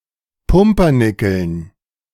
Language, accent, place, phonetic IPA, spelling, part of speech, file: German, Germany, Berlin, [ˈpʊmpɐˌnɪkl̩n], Pumpernickeln, noun, De-Pumpernickeln.ogg
- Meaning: dative plural of Pumpernickel